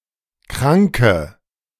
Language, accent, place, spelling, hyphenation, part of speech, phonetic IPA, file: German, Germany, Berlin, Kranke, Kran‧ke, noun, [ˈkʁaŋkə], De-Kranke.ogg
- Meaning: 1. female equivalent of Kranker: sick female, female sufferer (from a disease), female patient, female invalid 2. inflection of Kranker: strong nominative/accusative plural